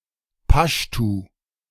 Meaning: Pashto (language mainly spoken in Afghanistan)
- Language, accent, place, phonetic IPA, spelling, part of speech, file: German, Germany, Berlin, [ˈpaʃtu], Paschtu, noun, De-Paschtu.ogg